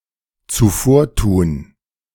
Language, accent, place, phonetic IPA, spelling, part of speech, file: German, Germany, Berlin, [t͡suˈfoːɐ̯ˌtuːn], zuvortun, verb, De-zuvortun.ogg
- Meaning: to outdo